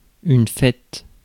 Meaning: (noun) 1. winter holidays (always in plural) 2. party 3. name day 4. birthday; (verb) inflection of fêter: first/third-person singular present indicative/subjunctive
- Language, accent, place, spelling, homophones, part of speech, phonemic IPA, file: French, France, Paris, fête, fait / faite / faites / faîte / faîtes / fêtes / fêtent, noun / verb, /fɛt/, Fr-fête.ogg